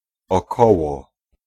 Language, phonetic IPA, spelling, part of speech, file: Polish, [ɔˈkɔwɔ], około, preposition / particle, Pl-około.ogg